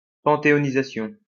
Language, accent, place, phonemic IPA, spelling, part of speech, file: French, France, Lyon, /pɑ̃.te.ɔ.ni.za.sjɔ̃/, panthéonisation, noun, LL-Q150 (fra)-panthéonisation.wav
- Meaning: pantheonization